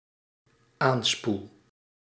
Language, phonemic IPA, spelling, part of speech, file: Dutch, /ˈanspul/, aanspoel, verb, Nl-aanspoel.ogg
- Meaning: first-person singular dependent-clause present indicative of aanspoelen